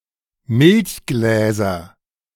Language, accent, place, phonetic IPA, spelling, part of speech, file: German, Germany, Berlin, [ˈmɪlçˌɡlɛːzɐ], Milchgläser, noun, De-Milchgläser.ogg
- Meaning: nominative/accusative/genitive plural of Milchglas